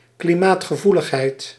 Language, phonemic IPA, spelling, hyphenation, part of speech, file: Dutch, /kliˈmaːt.xəˌvu.ləx.ɦɛi̯t/, klimaatgevoeligheid, kli‧maat‧ge‧voe‧lig‧heid, noun, Nl-klimaatgevoeligheid.ogg
- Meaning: climate sensitivity